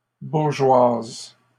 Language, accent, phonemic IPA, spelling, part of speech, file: French, Canada, /buʁ.ʒwaz/, bourgeoises, adjective, LL-Q150 (fra)-bourgeoises.wav
- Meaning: feminine plural of bourgeois